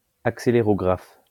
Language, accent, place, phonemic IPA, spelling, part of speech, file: French, France, Lyon, /ak.se.le.ʁɔ.ɡʁaf/, accélérographe, noun, LL-Q150 (fra)-accélérographe.wav
- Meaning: 1. accelerometer 2. accelerograph